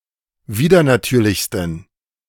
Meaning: 1. superlative degree of widernatürlich 2. inflection of widernatürlich: strong genitive masculine/neuter singular superlative degree
- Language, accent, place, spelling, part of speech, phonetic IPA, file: German, Germany, Berlin, widernatürlichsten, adjective, [ˈviːdɐnaˌtyːɐ̯lɪçstn̩], De-widernatürlichsten.ogg